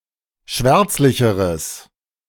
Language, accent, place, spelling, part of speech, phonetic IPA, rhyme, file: German, Germany, Berlin, schwärzlicheres, adjective, [ˈʃvɛʁt͡slɪçəʁəs], -ɛʁt͡slɪçəʁəs, De-schwärzlicheres.ogg
- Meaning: strong/mixed nominative/accusative neuter singular comparative degree of schwärzlich